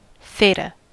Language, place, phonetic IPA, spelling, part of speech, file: English, California, [ˈθeɪɾə], theta, noun, En-us-theta.ogg
- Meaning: 1. The eighth letter of the Modern Greek alphabet, ninth in Old Greek: Θ, θ 2. The measure of an angle 3. Pitch angle; the angle between an aircraft's longitudinal axis and the horizontal plane